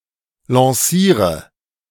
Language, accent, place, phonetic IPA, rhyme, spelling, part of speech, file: German, Germany, Berlin, [lɑ̃ˈsiːʁə], -iːʁə, lanciere, verb, De-lanciere.ogg
- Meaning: inflection of lancieren: 1. first-person singular present 2. singular imperative 3. first/third-person singular subjunctive I